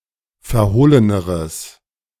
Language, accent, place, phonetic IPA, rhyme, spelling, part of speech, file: German, Germany, Berlin, [fɛɐ̯ˈhoːlənəʁəs], -oːlənəʁəs, verhohleneres, adjective, De-verhohleneres.ogg
- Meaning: strong/mixed nominative/accusative neuter singular comparative degree of verhohlen